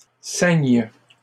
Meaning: first/third-person singular present subjunctive of ceindre
- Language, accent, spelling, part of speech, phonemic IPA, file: French, Canada, ceigne, verb, /sɛɲ/, LL-Q150 (fra)-ceigne.wav